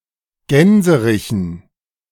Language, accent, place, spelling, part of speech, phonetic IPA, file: German, Germany, Berlin, Gänserichen, noun, [ˈɡɛnzəʁɪçn̩], De-Gänserichen.ogg
- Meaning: dative plural of Gänserich